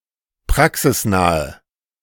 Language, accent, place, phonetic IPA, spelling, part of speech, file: German, Germany, Berlin, [ˈpʁaksɪsˌnaːə], praxisnahe, adjective, De-praxisnahe.ogg
- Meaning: inflection of praxisnah: 1. strong/mixed nominative/accusative feminine singular 2. strong nominative/accusative plural 3. weak nominative all-gender singular